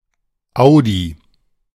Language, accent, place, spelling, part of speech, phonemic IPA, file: German, Germany, Berlin, Audi, proper noun / noun, /aʊ̯di/, De-Audi.ogg
- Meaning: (proper noun) Audi AG, a German automobile manufacturer; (noun) A car of that brand